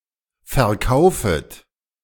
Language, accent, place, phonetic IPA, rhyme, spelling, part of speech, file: German, Germany, Berlin, [fɛɐ̯ˈkaʊ̯fət], -aʊ̯fət, verkaufet, verb, De-verkaufet.ogg
- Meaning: second-person plural subjunctive I of verkaufen